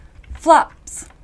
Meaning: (noun) 1. A disease in the mouths of horses involving inflammation in the cheeks or lips 2. plural of flap; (verb) third-person singular simple present indicative of flap
- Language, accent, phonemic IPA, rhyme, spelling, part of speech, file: English, Received Pronunciation, /flæps/, -æps, flaps, noun / verb, En-uk-flaps.ogg